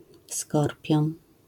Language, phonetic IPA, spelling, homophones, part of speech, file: Polish, [ˈskɔrpʲjɔ̃n], skorpion, Skorpion, noun, LL-Q809 (pol)-skorpion.wav